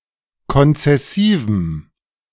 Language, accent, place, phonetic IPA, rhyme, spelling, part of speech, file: German, Germany, Berlin, [kɔnt͡sɛˈsiːvm̩], -iːvm̩, konzessivem, adjective, De-konzessivem.ogg
- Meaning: strong dative masculine/neuter singular of konzessiv